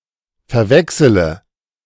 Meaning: inflection of verwechseln: 1. first-person singular present 2. first/third-person singular subjunctive I 3. singular imperative
- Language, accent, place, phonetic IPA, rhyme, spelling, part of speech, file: German, Germany, Berlin, [fɛɐ̯ˈvɛksələ], -ɛksələ, verwechsele, verb, De-verwechsele.ogg